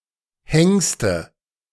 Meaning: nominative/accusative/genitive plural of Hengst
- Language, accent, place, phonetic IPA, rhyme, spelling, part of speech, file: German, Germany, Berlin, [ˈhɛŋstə], -ɛŋstə, Hengste, noun, De-Hengste.ogg